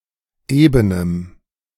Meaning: strong dative masculine/neuter singular of eben
- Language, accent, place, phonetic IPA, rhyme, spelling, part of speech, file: German, Germany, Berlin, [ˈeːbənəm], -eːbənəm, ebenem, adjective, De-ebenem.ogg